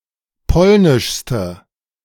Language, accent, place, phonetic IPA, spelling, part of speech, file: German, Germany, Berlin, [ˈpɔlnɪʃstə], polnischste, adjective, De-polnischste.ogg
- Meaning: inflection of polnisch: 1. strong/mixed nominative/accusative feminine singular superlative degree 2. strong nominative/accusative plural superlative degree